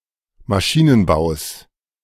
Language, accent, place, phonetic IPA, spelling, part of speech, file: German, Germany, Berlin, [maˈʃiːnənˌbaʊ̯s], Maschinenbaus, noun, De-Maschinenbaus.ogg
- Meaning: genitive singular of Maschinenbau